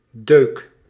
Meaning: dent
- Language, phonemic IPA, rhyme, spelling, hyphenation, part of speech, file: Dutch, /døːk/, -øːk, deuk, deuk, noun, Nl-deuk.ogg